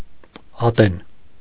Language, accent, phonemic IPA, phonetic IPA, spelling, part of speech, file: Armenian, Eastern Armenian, /ɑˈten/, [ɑtén], ատեն, noun, Hy-ատեն.ogg
- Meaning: time, moment